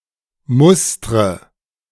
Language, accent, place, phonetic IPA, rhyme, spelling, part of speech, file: German, Germany, Berlin, [ˈmʊstʁə], -ʊstʁə, mustre, verb, De-mustre.ogg
- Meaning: inflection of mustern: 1. first-person singular present 2. first/third-person singular subjunctive I 3. singular imperative